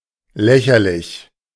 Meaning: ridiculous, risible, laughable
- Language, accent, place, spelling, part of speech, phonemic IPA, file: German, Germany, Berlin, lächerlich, adjective, /ˈlɛçɐlɪç/, De-lächerlich.ogg